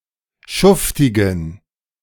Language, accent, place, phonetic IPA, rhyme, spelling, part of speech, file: German, Germany, Berlin, [ˈʃʊftɪɡn̩], -ʊftɪɡn̩, schuftigen, adjective, De-schuftigen.ogg
- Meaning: inflection of schuftig: 1. strong genitive masculine/neuter singular 2. weak/mixed genitive/dative all-gender singular 3. strong/weak/mixed accusative masculine singular 4. strong dative plural